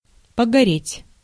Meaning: 1. to be deprived of shelter or property as a result of fire 2. to burn down 3. to dry out, to become parched 4. to burn (of many things) 5. to burn for a while 6. to fail
- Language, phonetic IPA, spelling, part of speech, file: Russian, [pəɡɐˈrʲetʲ], погореть, verb, Ru-погореть.ogg